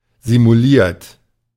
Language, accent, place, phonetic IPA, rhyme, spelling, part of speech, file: German, Germany, Berlin, [zimuˈliːɐ̯t], -iːɐ̯t, simuliert, adjective / verb, De-simuliert.ogg
- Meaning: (verb) past participle of simulieren; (adjective) 1. feigned, bogus 2. simulated